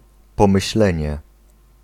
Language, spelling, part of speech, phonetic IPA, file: Polish, pomyślenie, noun, [ˌpɔ̃mɨɕˈlɛ̃ɲɛ], Pl-pomyślenie.ogg